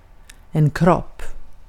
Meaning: 1. a body (of a human, whether living or dead, like in English) 2. a body (more generally, similarly to English) 3. a field
- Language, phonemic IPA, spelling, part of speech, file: Swedish, /ˈkrɔpː/, kropp, noun, Sv-kropp.ogg